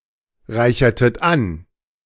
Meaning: inflection of anreichern: 1. second-person plural preterite 2. second-person plural subjunctive II
- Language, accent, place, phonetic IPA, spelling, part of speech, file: German, Germany, Berlin, [ˌʁaɪ̯çɐtət ˈan], reichertet an, verb, De-reichertet an.ogg